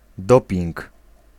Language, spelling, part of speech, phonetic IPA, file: Polish, doping, noun, [ˈdɔpʲĩŋk], Pl-doping.ogg